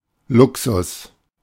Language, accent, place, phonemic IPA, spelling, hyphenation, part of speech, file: German, Germany, Berlin, /ˈlʊksʊs/, Luxus, Lu‧xus, noun, De-Luxus.ogg
- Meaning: luxury